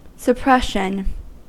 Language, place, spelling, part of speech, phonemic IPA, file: English, California, suppression, noun, /səˈpɹɛʃən/, En-us-suppression.ogg
- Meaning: 1. The act or instance of suppressing 2. The state of being suppressed 3. A process in which a person consciously excludes anxiety-producing thoughts, feelings, or memories